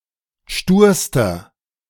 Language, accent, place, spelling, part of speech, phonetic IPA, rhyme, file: German, Germany, Berlin, sturster, adjective, [ˈʃtuːɐ̯stɐ], -uːɐ̯stɐ, De-sturster.ogg
- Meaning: inflection of stur: 1. strong/mixed nominative masculine singular superlative degree 2. strong genitive/dative feminine singular superlative degree 3. strong genitive plural superlative degree